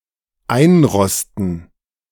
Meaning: to rust (to the point of unusability)
- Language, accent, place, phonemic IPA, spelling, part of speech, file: German, Germany, Berlin, /ˈaɪ̯nˌʁɔstən/, einrosten, verb, De-einrosten.ogg